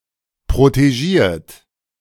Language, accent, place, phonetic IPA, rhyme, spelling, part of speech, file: German, Germany, Berlin, [pʁoteˈʒiːɐ̯t], -iːɐ̯t, protegiert, verb, De-protegiert.ogg
- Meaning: 1. past participle of protegieren 2. inflection of protegieren: third-person singular present 3. inflection of protegieren: second-person plural present 4. inflection of protegieren: plural imperative